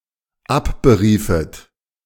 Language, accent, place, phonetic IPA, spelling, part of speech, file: German, Germany, Berlin, [ˈapbəˌʁiːfət], abberiefet, verb, De-abberiefet.ogg
- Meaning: second-person plural dependent subjunctive II of abberufen